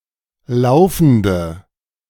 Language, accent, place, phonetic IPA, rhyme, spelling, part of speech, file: German, Germany, Berlin, [ˈlaʊ̯fn̩də], -aʊ̯fn̩də, laufende, adjective, De-laufende.ogg
- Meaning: inflection of laufend: 1. strong/mixed nominative/accusative feminine singular 2. strong nominative/accusative plural 3. weak nominative all-gender singular 4. weak accusative feminine/neuter singular